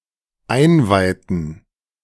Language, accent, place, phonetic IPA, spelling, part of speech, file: German, Germany, Berlin, [ˈaɪ̯nˌvaɪ̯tn̩], einweihten, verb, De-einweihten.ogg
- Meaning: inflection of einweihen: 1. first/third-person plural dependent preterite 2. first/third-person plural dependent subjunctive II